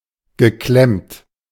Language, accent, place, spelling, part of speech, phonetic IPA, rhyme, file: German, Germany, Berlin, geklemmt, verb, [ɡəˈklɛmt], -ɛmt, De-geklemmt.ogg
- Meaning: past participle of klemmen